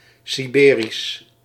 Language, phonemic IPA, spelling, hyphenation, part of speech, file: Dutch, /ˌsiˈbeː.ris/, Siberisch, Si‧be‧risch, adjective, Nl-Siberisch.ogg
- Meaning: Siberian